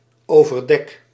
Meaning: inflection of overdekken: 1. first-person singular present indicative 2. second-person singular present indicative 3. imperative
- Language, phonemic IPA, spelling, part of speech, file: Dutch, /ovərˈdɛk/, overdek, noun / verb, Nl-overdek.ogg